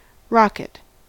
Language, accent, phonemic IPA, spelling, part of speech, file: English, US, /ˈɹɑk.ɪt/, rocket, noun / verb, En-us-rocket.ogg